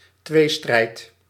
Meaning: 1. any contest or struggle between two people or parties, such as a duel, runoff election, game or competition, rivalry, etc 2. an internal mental conflict; an acute dilemma
- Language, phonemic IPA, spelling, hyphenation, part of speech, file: Dutch, /ˈtʋeː.strɛi̯t/, tweestrijd, twee‧strijd, noun, Nl-tweestrijd.ogg